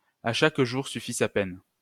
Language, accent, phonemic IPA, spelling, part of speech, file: French, France, /a ʃak ʒuʁ sy.fi sa pɛn/, à chaque jour suffit sa peine, proverb, LL-Q150 (fra)-à chaque jour suffit sa peine.wav
- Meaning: sufficient unto the day is the evil thereof